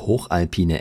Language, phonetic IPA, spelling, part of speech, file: German, [ˈhoːxʔalˌpiːnə], hochalpine, adjective, De-hochalpine.ogg
- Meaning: inflection of hochalpin: 1. strong/mixed nominative/accusative feminine singular 2. strong nominative/accusative plural 3. weak nominative all-gender singular